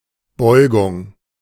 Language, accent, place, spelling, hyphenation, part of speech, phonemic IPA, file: German, Germany, Berlin, Beugung, Beu‧gung, noun, /ˈbɔʏ̯ɡʊŋ/, De-Beugung.ogg
- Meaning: 1. flexion 2. diffraction 3. inflection